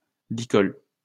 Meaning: halter (for animals)
- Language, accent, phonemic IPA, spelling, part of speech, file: French, France, /li.kɔl/, licol, noun, LL-Q150 (fra)-licol.wav